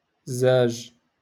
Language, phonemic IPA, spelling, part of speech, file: Moroccan Arabic, /zaːʒ/, زاج, noun, LL-Q56426 (ary)-زاج.wav
- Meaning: glass